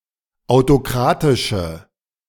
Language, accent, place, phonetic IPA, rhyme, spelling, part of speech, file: German, Germany, Berlin, [aʊ̯toˈkʁaːtɪʃə], -aːtɪʃə, autokratische, adjective, De-autokratische.ogg
- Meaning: inflection of autokratisch: 1. strong/mixed nominative/accusative feminine singular 2. strong nominative/accusative plural 3. weak nominative all-gender singular